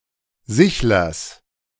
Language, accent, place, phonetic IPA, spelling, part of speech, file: German, Germany, Berlin, [ˈzɪçlɐs], Sichlers, noun, De-Sichlers.ogg
- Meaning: genitive singular of Sichler